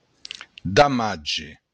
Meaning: damage
- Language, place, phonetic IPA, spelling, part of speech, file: Occitan, Béarn, [daˈmatʒe], damatge, noun, LL-Q14185 (oci)-damatge.wav